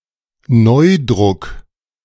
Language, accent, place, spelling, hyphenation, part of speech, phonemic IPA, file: German, Germany, Berlin, Neudruck, Neu‧druck, noun, /ˈnɔɪˌdʁʊk/, De-Neudruck.ogg
- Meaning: reprint (book, pamphlet or other printed matter that has been published once before but is now being released again)